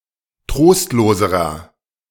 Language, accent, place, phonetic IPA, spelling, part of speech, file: German, Germany, Berlin, [ˈtʁoːstloːzəʁɐ], trostloserer, adjective, De-trostloserer.ogg
- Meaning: inflection of trostlos: 1. strong/mixed nominative masculine singular comparative degree 2. strong genitive/dative feminine singular comparative degree 3. strong genitive plural comparative degree